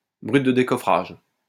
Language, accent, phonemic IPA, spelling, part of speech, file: French, France, /bʁyt də de.kɔ.fʁaʒ/, brut de décoffrage, adjective, LL-Q150 (fra)-brut de décoffrage.wav
- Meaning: 1. plain, unsurfaced, exposed 2. rough around the edges